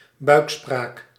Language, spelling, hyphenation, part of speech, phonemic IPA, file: Dutch, buikspraak, buik‧spraak, noun, /ˈbœy̯k.spraːk/, Nl-buikspraak.ogg
- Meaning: ventriloquism